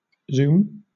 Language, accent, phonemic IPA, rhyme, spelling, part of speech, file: English, Southern England, /zuːm/, -uːm, zoom, noun / verb / interjection, LL-Q1860 (eng)-zoom.wav
- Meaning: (noun) 1. A humming noise from something moving very fast 2. A quick ascent 3. A big increase 4. An augmentation of a view, by varying the focal length of a lens, or digitally